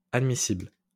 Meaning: admissible, acceptable
- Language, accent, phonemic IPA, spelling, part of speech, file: French, France, /ad.mi.sibl/, admissible, adjective, LL-Q150 (fra)-admissible.wav